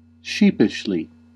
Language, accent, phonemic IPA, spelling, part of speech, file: English, US, /ˈʃiː.pɪʃ.li/, sheepishly, adverb, En-us-sheepishly.ogg
- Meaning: In a sheepish way; shyly; meekly; bashfully; self-consciously; with embarrassment